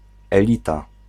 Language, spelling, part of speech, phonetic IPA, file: Polish, elita, noun, [ɛˈlʲita], Pl-elita.ogg